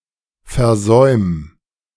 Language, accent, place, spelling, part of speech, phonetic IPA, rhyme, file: German, Germany, Berlin, versäum, verb, [fɛɐ̯ˈzɔɪ̯m], -ɔɪ̯m, De-versäum.ogg
- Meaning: 1. singular imperative of versäumen 2. first-person singular present of versäumen